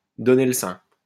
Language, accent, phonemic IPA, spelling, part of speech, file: French, France, /dɔ.ne l(ə) sɛ̃/, donner le sein, verb, LL-Q150 (fra)-donner le sein.wav
- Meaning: to breastfeed, to nurse